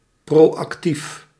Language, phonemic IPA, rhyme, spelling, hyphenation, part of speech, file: Dutch, /ˌproː.ɑkˈtif/, -if, proactief, pro‧ac‧tief, adjective, Nl-proactief.ogg
- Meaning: proactive